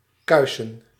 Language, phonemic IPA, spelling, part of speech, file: Dutch, /ˈkœʏ.sə(n)/, kuisen, verb, Nl-kuisen.ogg
- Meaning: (verb) 1. to clean up, render (more) presentable, possibly (auto-)censure 2. to become clean 3. to clean, cleanse; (noun) 1. plural of kuis 2. plural of kuise